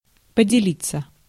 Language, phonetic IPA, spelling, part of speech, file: Russian, [pədʲɪˈlʲit͡sːə], поделиться, verb, Ru-поделиться.ogg
- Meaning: 1. passive of подели́ть (podelítʹ) 2. to be divided 3. to share